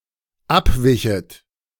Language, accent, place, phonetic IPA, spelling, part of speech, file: German, Germany, Berlin, [ˈapˌvɪçət], abwichet, verb, De-abwichet.ogg
- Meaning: second-person plural dependent subjunctive II of abweichen